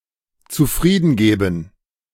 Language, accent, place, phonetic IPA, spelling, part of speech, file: German, Germany, Berlin, [t͡suˈfʁiːdn̩ˌɡeːbn̩], zufriedengeben, verb, De-zufriedengeben.ogg
- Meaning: to content oneself; to be satisfied